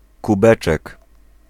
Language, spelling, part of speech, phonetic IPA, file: Polish, kubeczek, noun, [kuˈbɛt͡ʃɛk], Pl-kubeczek.ogg